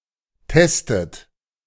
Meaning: inflection of testen: 1. third-person singular present 2. second-person plural present 3. plural imperative 4. second-person plural subjunctive I
- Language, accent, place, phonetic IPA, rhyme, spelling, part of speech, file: German, Germany, Berlin, [ˈtɛstət], -ɛstət, testet, verb, De-testet.ogg